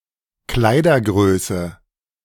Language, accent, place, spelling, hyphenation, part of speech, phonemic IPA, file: German, Germany, Berlin, Kleidergröße, Klei‧der‧grö‧ße, noun, /ˈklaɪ̯dɐˌɡʁøːsə/, De-Kleidergröße.ogg
- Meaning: clothing size